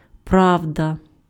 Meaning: truth (conformity to fact or reality; true facts)
- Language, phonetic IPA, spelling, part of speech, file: Ukrainian, [ˈprau̯dɐ], правда, noun, Uk-правда.ogg